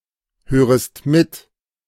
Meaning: second-person singular subjunctive I of mithören
- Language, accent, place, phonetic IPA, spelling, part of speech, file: German, Germany, Berlin, [ˌhøːʁəst ˈmɪt], hörest mit, verb, De-hörest mit.ogg